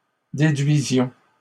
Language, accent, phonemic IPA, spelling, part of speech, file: French, Canada, /de.dɥi.zjɔ̃/, déduisions, verb, LL-Q150 (fra)-déduisions.wav
- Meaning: inflection of déduire: 1. first-person plural imperfect indicative 2. first-person plural present subjunctive